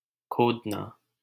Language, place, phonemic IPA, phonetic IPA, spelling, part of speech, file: Hindi, Delhi, /kʰoːd̪.nɑː/, [kʰoːd̪̚.näː], खोदना, verb, LL-Q1568 (hin)-खोदना.wav
- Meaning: 1. to dig, excavate 2. to engrave 3. to investigate